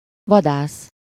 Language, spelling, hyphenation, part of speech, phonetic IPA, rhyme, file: Hungarian, vadász, va‧dász, noun, [ˈvɒdaːs], -aːs, Hu-vadász.ogg
- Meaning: hunter